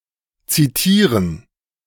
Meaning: to cite, to quote
- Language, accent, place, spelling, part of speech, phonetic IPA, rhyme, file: German, Germany, Berlin, zitieren, verb, [ˌt͡siˈtiːʁən], -iːʁən, De-zitieren.ogg